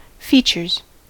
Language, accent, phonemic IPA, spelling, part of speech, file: English, US, /ˈfit͡ʃɚz/, features, verb / noun, En-us-features.ogg
- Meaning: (verb) third-person singular simple present indicative of feature; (noun) plural of feature